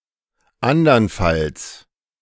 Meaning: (adverb) otherwise, or else; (conjunction) adversative conjunction, otherwise, for else
- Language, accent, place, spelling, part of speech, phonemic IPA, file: German, Germany, Berlin, andernfalls, adverb / conjunction, /ˈandɐnˌfals/, De-andernfalls.ogg